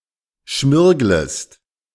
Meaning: second-person singular subjunctive I of schmirgeln
- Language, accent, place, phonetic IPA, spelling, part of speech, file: German, Germany, Berlin, [ˈʃmɪʁɡləst], schmirglest, verb, De-schmirglest.ogg